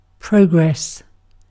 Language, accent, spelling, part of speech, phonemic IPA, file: English, UK, progress, noun, /ˈpɹəʊ.ɡɹɛs/, En-uk-progress.ogg
- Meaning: 1. Movement or advancement through a series of events, or points in time; development through time 2. Specifically, advancement to a higher or more developed state; development, growth